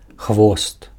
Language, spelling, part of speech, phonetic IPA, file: Belarusian, хвост, noun, [xvost], Be-хвост.ogg
- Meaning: tail